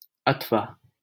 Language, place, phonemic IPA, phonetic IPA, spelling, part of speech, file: Hindi, Delhi, /ət̪ʰ.ʋɑː/, [ɐt̪ʰ.ʋäː], अथवा, conjunction, LL-Q1568 (hin)-अथवा.wav
- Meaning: either ... or ...